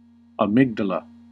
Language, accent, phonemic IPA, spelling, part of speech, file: English, US, /əˈmɪɡ.də.lə/, amygdala, noun, En-us-amygdala.ogg
- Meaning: Each one of the two regions of the brain, located as a pair in the medial temporal lobe, believed to play a key role in processing emotions, such as fear and pleasure, in both animals and humans